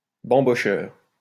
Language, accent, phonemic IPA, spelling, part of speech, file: French, France, /bɑ̃.bɔ.ʃœʁ/, bambocheur, noun, LL-Q150 (fra)-bambocheur.wav
- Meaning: 1. synonym of fêtard (“party animal”) 2. synonym of ivrogne (“drunkard”)